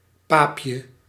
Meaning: 1. diminutive of paap 2. whinchat (Saxicola rubetra) 3. cocoon, in particular of the silkworm
- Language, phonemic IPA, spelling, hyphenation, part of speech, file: Dutch, /ˈpaː.pjə/, paapje, paap‧je, noun, Nl-paapje.ogg